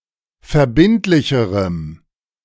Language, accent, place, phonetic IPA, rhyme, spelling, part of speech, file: German, Germany, Berlin, [fɛɐ̯ˈbɪntlɪçəʁəm], -ɪntlɪçəʁəm, verbindlicherem, adjective, De-verbindlicherem.ogg
- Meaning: strong dative masculine/neuter singular comparative degree of verbindlich